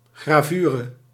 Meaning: engraving
- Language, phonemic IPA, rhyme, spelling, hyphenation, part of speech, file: Dutch, /ɣraːˈvyː.rə/, -yːrə, gravure, gra‧vu‧re, noun, Nl-gravure.ogg